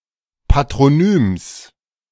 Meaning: genitive singular of Patronym
- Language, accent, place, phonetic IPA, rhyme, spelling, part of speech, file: German, Germany, Berlin, [patʁoˈnyːms], -yːms, Patronyms, noun, De-Patronyms.ogg